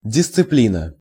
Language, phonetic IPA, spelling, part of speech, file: Russian, [dʲɪst͡sɨˈplʲinə], дисциплина, noun, Ru-дисциплина.ogg
- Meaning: 1. discipline 2. branch of science